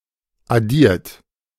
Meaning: 1. past participle of addieren 2. inflection of addieren: third-person singular present 3. inflection of addieren: second-person plural present 4. inflection of addieren: plural imperative
- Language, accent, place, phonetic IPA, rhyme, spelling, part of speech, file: German, Germany, Berlin, [aˈdiːɐ̯t], -iːɐ̯t, addiert, verb, De-addiert.ogg